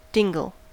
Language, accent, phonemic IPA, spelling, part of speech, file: English, US, /ˈdɪŋɡl̩/, dingle, noun, En-us-dingle.ogg
- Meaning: A small, narrow or enclosed, usually wooded valley